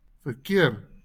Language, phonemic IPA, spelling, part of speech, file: Afrikaans, /fərˈkɪər/, verkeer, noun, LL-Q14196 (afr)-verkeer.wav
- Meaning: traffic